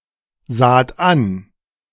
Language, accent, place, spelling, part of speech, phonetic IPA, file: German, Germany, Berlin, saht an, verb, [ˌzaːt ˈan], De-saht an.ogg
- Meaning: second-person plural preterite of ansehen